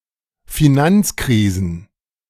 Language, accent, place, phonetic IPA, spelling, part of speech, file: German, Germany, Berlin, [fɪˈnant͡sˌkʁiːzn̩], Finanzkrisen, noun, De-Finanzkrisen.ogg
- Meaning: plural of Finanzkrise